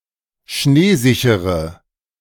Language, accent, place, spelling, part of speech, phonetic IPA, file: German, Germany, Berlin, schneesichere, adjective, [ˈʃneːˌzɪçəʁə], De-schneesichere.ogg
- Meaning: inflection of schneesicher: 1. strong/mixed nominative/accusative feminine singular 2. strong nominative/accusative plural 3. weak nominative all-gender singular